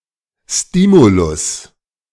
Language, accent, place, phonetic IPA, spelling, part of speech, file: German, Germany, Berlin, [ˈstiːmulʊs], Stimulus, noun, De-Stimulus.ogg
- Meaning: stimulus